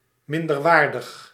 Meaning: 1. inferior; low in quality 2. third-rate
- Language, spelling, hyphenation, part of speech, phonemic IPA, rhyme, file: Dutch, minderwaardig, min‧der‧waar‧dig, adjective, /ˌmɪn.dərˈʋaːr.dəx/, -aːrdəx, Nl-minderwaardig.ogg